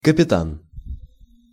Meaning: 1. captain, commander, master, skipper, team leader 2. captain
- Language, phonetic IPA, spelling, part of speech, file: Russian, [kəpʲɪˈtan], капитан, noun, Ru-капитан.ogg